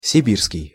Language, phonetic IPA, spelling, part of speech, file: Russian, [sʲɪˈbʲirskʲɪj], сибирский, adjective, Ru-сибирский.ogg
- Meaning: Siberian